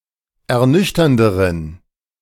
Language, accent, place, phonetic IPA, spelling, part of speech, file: German, Germany, Berlin, [ɛɐ̯ˈnʏçtɐndəʁən], ernüchternderen, adjective, De-ernüchternderen.ogg
- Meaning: inflection of ernüchternd: 1. strong genitive masculine/neuter singular comparative degree 2. weak/mixed genitive/dative all-gender singular comparative degree